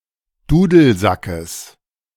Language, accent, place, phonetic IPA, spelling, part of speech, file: German, Germany, Berlin, [ˈduːdl̩ˌzakəs], Dudelsackes, noun, De-Dudelsackes.ogg
- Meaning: genitive of Dudelsack